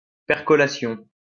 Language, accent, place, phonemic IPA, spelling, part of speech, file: French, France, Lyon, /pɛʁ.kɔ.la.sjɔ̃/, percolation, noun, LL-Q150 (fra)-percolation.wav
- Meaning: percolation